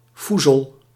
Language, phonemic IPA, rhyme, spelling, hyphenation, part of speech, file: Dutch, /ˈfu.zəl/, -uzəl, foezel, foe‧zel, noun, Nl-foezel.ogg
- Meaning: inferior jenever, containing fusel oils